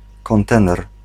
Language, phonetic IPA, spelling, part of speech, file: Polish, [kɔ̃nˈtɛ̃nɛr], kontener, noun, Pl-kontener.ogg